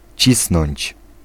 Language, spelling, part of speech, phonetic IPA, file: Polish, cisnąć, verb, [ˈt͡ɕisnɔ̃ɲt͡ɕ], Pl-cisnąć.ogg